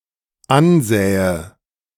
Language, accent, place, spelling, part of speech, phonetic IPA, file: German, Germany, Berlin, ansähe, verb, [ˈanˌzɛːə], De-ansähe.ogg
- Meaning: first/third-person singular dependent subjunctive II of ansehen